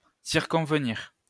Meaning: to circumvent
- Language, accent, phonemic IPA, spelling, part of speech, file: French, France, /siʁ.kɔ̃v.niʁ/, circonvenir, verb, LL-Q150 (fra)-circonvenir.wav